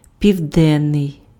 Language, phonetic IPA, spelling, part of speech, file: Ukrainian, [pʲiu̯ˈdɛnːei̯], південний, adjective, Uk-південний.ogg
- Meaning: 1. south, southern, southerly 2. midday, noon (attributive)